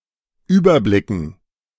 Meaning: dative plural of Überblick
- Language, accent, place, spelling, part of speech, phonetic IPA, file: German, Germany, Berlin, Überblicken, noun, [ˈyːbɐˌblɪkn̩], De-Überblicken.ogg